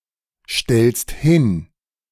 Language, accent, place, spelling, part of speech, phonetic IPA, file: German, Germany, Berlin, stellst hin, verb, [ˌʃtɛlst ˈhɪn], De-stellst hin.ogg
- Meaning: second-person singular present of hinstellen